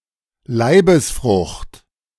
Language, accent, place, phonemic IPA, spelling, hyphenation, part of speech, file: German, Germany, Berlin, /ˈlaɪ̯bəsˌfʁʊxt/, Leibesfrucht, Lei‧bes‧frucht, noun, De-Leibesfrucht.ogg
- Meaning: unborn child; embryo, fetus